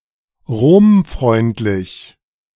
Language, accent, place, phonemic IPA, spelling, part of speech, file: German, Germany, Berlin, /ˈʁoːmˌfʁɔɪ̯ntlɪç/, romfreundlich, adjective, De-romfreundlich.ogg
- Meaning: pro-Roman